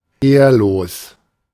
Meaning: dishonourable
- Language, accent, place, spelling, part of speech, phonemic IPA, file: German, Germany, Berlin, ehrlos, adjective, /ˈeːɐ̯loːs/, De-ehrlos.ogg